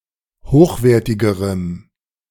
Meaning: strong dative masculine/neuter singular comparative degree of hochwertig
- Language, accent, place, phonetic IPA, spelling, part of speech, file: German, Germany, Berlin, [ˈhoːxˌveːɐ̯tɪɡəʁəm], hochwertigerem, adjective, De-hochwertigerem.ogg